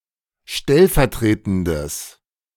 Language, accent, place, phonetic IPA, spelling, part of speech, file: German, Germany, Berlin, [ˈʃtɛlfɛɐ̯ˌtʁeːtn̩dəs], stellvertretendes, adjective, De-stellvertretendes.ogg
- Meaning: strong/mixed nominative/accusative neuter singular of stellvertretend